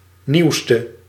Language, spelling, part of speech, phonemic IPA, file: Dutch, nieuwste, adjective, /niu̯stə/, Nl-nieuwste.ogg
- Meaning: inflection of nieuwst, the superlative degree of nieuw: 1. masculine/feminine singular attributive 2. definite neuter singular attributive 3. plural attributive